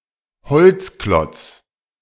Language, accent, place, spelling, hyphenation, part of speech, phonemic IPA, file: German, Germany, Berlin, Holzklotz, Holz‧klotz, noun, /ˈhɔlt͡sˌklɔt͡s/, De-Holzklotz.ogg
- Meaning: wooden block, wooden log